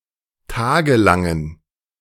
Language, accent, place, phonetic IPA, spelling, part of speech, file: German, Germany, Berlin, [ˈtaːɡəˌlaŋən], tagelangen, adjective, De-tagelangen.ogg
- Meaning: inflection of tagelang: 1. strong genitive masculine/neuter singular 2. weak/mixed genitive/dative all-gender singular 3. strong/weak/mixed accusative masculine singular 4. strong dative plural